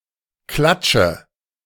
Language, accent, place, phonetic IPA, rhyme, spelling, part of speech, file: German, Germany, Berlin, [ˈklat͡ʃə], -at͡ʃə, klatsche, verb, De-klatsche.ogg
- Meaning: inflection of klatschen: 1. first-person singular present 2. singular imperative 3. first/third-person singular subjunctive I